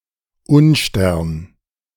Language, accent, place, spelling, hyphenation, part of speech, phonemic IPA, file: German, Germany, Berlin, Unstern, Un‧stern, noun, /ˈʊnˌʃtɛʁn/, De-Unstern.ogg
- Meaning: unlucky star; bad sign